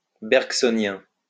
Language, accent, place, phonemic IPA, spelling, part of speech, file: French, France, Lyon, /bɛʁɡ.sɔ.njɛ̃/, bergsonien, adjective, LL-Q150 (fra)-bergsonien.wav
- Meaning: Bergsonian